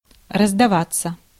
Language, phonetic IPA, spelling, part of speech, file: Russian, [rəzdɐˈvat͡sːə], раздаваться, verb, Ru-раздаваться.ogg
- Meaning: 1. to sound, to ring out (usually unexpectedly), to go off (e.g. telephone, gunshot) 2. to give way, to make way; to move aside 3. to expand, to become wide; to gain weight